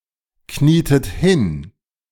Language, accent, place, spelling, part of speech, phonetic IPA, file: German, Germany, Berlin, knietet hin, verb, [ˌkniːtət ˈhɪn], De-knietet hin.ogg
- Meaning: inflection of hinknien: 1. second-person plural preterite 2. second-person plural subjunctive II